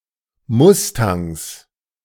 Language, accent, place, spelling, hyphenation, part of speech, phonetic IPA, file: German, Germany, Berlin, Mustangs, Mus‧tangs, noun, [ˈmʊstaŋs], De-Mustangs.ogg
- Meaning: 1. plural of Mustang 2. genitive singular of Mustang